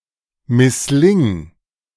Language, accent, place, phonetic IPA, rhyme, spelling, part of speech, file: German, Germany, Berlin, [mɪsˈlɪŋ], -ɪŋ, missling, verb, De-missling.ogg
- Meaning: singular imperative of misslingen